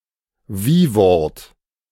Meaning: adjective
- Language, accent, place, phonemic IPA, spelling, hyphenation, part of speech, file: German, Germany, Berlin, /ˈviːˌvɔʁt/, Wiewort, Wie‧wort, noun, De-Wiewort.ogg